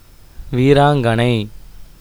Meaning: heroine
- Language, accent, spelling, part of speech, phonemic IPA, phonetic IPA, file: Tamil, India, வீராங்கனை, noun, /ʋiːɾɑːŋɡɐnɐɪ̯/, [ʋiːɾäːŋɡɐnɐɪ̯], Ta-வீராங்கனை.ogg